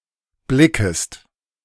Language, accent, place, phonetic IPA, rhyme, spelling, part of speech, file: German, Germany, Berlin, [ˈblɪkəst], -ɪkəst, blickest, verb, De-blickest.ogg
- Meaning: second-person singular subjunctive I of blicken